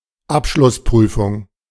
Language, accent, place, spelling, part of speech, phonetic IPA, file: German, Germany, Berlin, Abschlussprüfung, noun, [ˈapʃlʊsˌpʁyːfʊŋ], De-Abschlussprüfung.ogg
- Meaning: final (test or examination given at the end of a term or class)